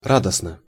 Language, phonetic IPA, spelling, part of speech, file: Russian, [ˈradəsnə], радостно, adverb / adjective, Ru-радостно.ogg
- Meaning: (adverb) joyfully, gladly, joyously; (adjective) short neuter singular of ра́достный (rádostnyj, “joyful, glad, joyous”)